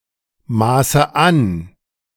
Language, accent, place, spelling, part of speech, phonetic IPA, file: German, Germany, Berlin, maße an, verb, [ˌmaːsə ˈan], De-maße an.ogg
- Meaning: inflection of anmaßen: 1. first-person singular present 2. first/third-person singular subjunctive I 3. singular imperative